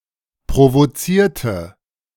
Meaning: inflection of provozieren: 1. first/third-person singular preterite 2. first/third-person singular subjunctive II
- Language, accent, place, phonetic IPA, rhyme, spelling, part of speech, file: German, Germany, Berlin, [pʁovoˈt͡siːɐ̯tə], -iːɐ̯tə, provozierte, adjective / verb, De-provozierte.ogg